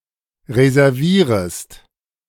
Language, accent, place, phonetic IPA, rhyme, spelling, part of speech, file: German, Germany, Berlin, [ʁezɛʁˈviːʁəst], -iːʁəst, reservierest, verb, De-reservierest.ogg
- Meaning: second-person singular subjunctive I of reservieren